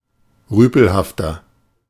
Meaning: 1. comparative degree of rüpelhaft 2. inflection of rüpelhaft: strong/mixed nominative masculine singular 3. inflection of rüpelhaft: strong genitive/dative feminine singular
- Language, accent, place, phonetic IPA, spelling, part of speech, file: German, Germany, Berlin, [ˈʁyːpl̩haftɐ], rüpelhafter, adjective, De-rüpelhafter.ogg